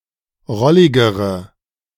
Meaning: inflection of rollig: 1. strong/mixed nominative/accusative feminine singular comparative degree 2. strong nominative/accusative plural comparative degree
- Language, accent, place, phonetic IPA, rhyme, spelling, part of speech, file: German, Germany, Berlin, [ˈʁɔlɪɡəʁə], -ɔlɪɡəʁə, rolligere, adjective, De-rolligere.ogg